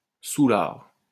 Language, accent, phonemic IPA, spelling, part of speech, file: French, France, /su.laʁ/, soûlard, noun, LL-Q150 (fra)-soûlard.wav
- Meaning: drunk; drunkard; toper